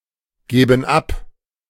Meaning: inflection of abgeben: 1. first/third-person plural present 2. first/third-person plural subjunctive I
- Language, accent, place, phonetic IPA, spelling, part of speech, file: German, Germany, Berlin, [ˌɡeːbn̩ ˈap], geben ab, verb, De-geben ab.ogg